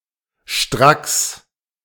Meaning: 1. directly, immediately, straightway 2. precisely, without deviating (especially from a rule or command)
- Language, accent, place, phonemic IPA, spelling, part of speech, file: German, Germany, Berlin, /ʃtʁaks/, stracks, adverb, De-stracks.ogg